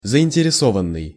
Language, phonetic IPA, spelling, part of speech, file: Russian, [zəɪnʲtʲɪrʲɪˈsovən(ː)ɨj], заинтересованный, verb / adjective, Ru-заинтересованный.ogg
- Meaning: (verb) past passive perfective participle of заинтересова́ть (zainteresovátʹ); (adjective) interested (experiencing interest, taking an interest in) (of a person)